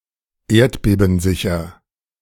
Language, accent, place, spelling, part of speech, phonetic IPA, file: German, Germany, Berlin, erdbebensicher, adjective, [ˈeːɐ̯tbeːbn̩ˌzɪçɐ], De-erdbebensicher.ogg
- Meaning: earthquake-proof, antiseismic